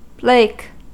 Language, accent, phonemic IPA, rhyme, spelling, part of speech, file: English, US, /bleɪk/, -eɪk, blake, adjective, En-us-blake.ogg
- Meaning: Yellow, as butter or cheese